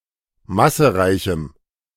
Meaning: strong dative masculine/neuter singular of massereich
- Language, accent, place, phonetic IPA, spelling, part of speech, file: German, Germany, Berlin, [ˈmasəˌʁaɪ̯çm̩], massereichem, adjective, De-massereichem.ogg